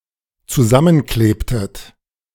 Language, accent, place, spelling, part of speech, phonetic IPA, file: German, Germany, Berlin, zusammenklebtet, verb, [t͡suˈzamənˌkleːptət], De-zusammenklebtet.ogg
- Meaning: inflection of zusammenkleben: 1. second-person plural dependent preterite 2. second-person plural dependent subjunctive II